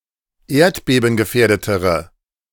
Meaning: inflection of erdbebengefährdet: 1. strong/mixed nominative/accusative feminine singular comparative degree 2. strong nominative/accusative plural comparative degree
- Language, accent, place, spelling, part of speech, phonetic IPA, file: German, Germany, Berlin, erdbebengefährdetere, adjective, [ˈeːɐ̯tbeːbn̩ɡəˌfɛːɐ̯dətəʁə], De-erdbebengefährdetere.ogg